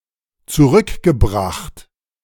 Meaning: past participle of zurückbringen
- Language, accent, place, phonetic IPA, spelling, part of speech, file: German, Germany, Berlin, [t͡suˈʁʏkɡəˌbʁaxt], zurückgebracht, verb, De-zurückgebracht.ogg